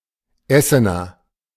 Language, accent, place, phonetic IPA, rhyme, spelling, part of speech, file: German, Germany, Berlin, [ˈɛsənɐ], -ɛsənɐ, Essener, noun, De-Essener.ogg
- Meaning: A native or inhabitant of Essen